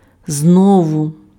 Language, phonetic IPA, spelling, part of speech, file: Ukrainian, [ˈznɔwʊ], знову, adverb, Uk-знову.ogg
- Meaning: again